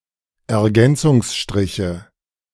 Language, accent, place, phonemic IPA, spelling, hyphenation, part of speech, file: German, Germany, Berlin, /ɛɐ̯ˈɡɛnt͡sʊŋsʃtʁɪçə/, Ergänzungsstriche, Er‧gän‧zungs‧stri‧che, noun, De-Ergänzungsstriche.ogg
- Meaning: nominative/accusative/genitive plural of Ergänzungsstrich